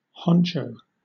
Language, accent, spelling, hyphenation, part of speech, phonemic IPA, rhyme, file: English, Southern England, honcho, hon‧cho, noun / verb, /ˈhɒn.tʃəʊ/, -ɒntʃəʊ, LL-Q1860 (eng)-honcho.wav
- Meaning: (noun) Boss, leader; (verb) To lead or manage